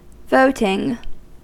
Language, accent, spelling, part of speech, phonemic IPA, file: English, US, voting, adjective / noun / verb, /ˈvoʊtɪŋ/, En-us-voting.ogg
- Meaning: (adjective) Having an associated right for the holder to vote as an owner of business; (noun) The act or process of choosing someone or something in an election